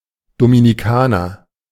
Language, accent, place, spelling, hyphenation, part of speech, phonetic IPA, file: German, Germany, Berlin, Dominikaner, Do‧mi‧ni‧ka‧ner, noun, [dominiˈkaːnɐ], De-Dominikaner.ogg
- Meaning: 1. Dominican (native or inhabitant of the Dominican Republic) (usually male) 2. Dominican (member of the Order of Preachers)